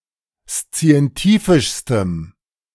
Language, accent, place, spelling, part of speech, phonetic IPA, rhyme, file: German, Germany, Berlin, szientifischstem, adjective, [st͡si̯ɛnˈtiːfɪʃstəm], -iːfɪʃstəm, De-szientifischstem.ogg
- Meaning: strong dative masculine/neuter singular superlative degree of szientifisch